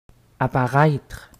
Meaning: 1. to appear (become visible) 2. to appear, to seem 3. to spawn
- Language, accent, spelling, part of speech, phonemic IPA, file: French, Quebec, apparaître, verb, /a.pa.ʁɛtʁ/, Qc-apparaître.ogg